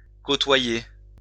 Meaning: 1. to coast 2. to pass alongside 3. to rub shoulders, to work alongside
- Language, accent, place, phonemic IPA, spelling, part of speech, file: French, France, Lyon, /ko.twa.je/, côtoyer, verb, LL-Q150 (fra)-côtoyer.wav